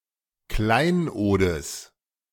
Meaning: genitive singular of Kleinod
- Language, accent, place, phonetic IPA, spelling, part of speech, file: German, Germany, Berlin, [ˈklaɪ̯nʔoːdəs], Kleinodes, noun, De-Kleinodes.ogg